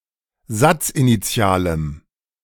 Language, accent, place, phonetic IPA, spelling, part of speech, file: German, Germany, Berlin, [ˈzat͡sʔiniˌt͡si̯aːləm], satzinitialem, adjective, De-satzinitialem.ogg
- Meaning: strong dative masculine/neuter singular of satzinitial